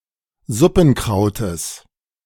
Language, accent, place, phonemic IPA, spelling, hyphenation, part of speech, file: German, Germany, Berlin, /ˈzʊpn̩ˌkʀaʊ̯təs/, Suppenkrautes, Sup‧pen‧krau‧tes, noun, De-Suppenkrautes.ogg
- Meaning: genitive singular of Suppenkraut